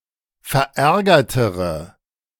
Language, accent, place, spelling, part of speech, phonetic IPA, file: German, Germany, Berlin, verärgertere, adjective, [fɛɐ̯ˈʔɛʁɡɐtəʁə], De-verärgertere.ogg
- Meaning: inflection of verärgert: 1. strong/mixed nominative/accusative feminine singular comparative degree 2. strong nominative/accusative plural comparative degree